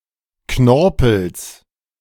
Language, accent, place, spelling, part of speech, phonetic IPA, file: German, Germany, Berlin, Knorpels, noun, [ˈknɔʁpl̩s], De-Knorpels.ogg
- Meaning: genitive singular of Knorpel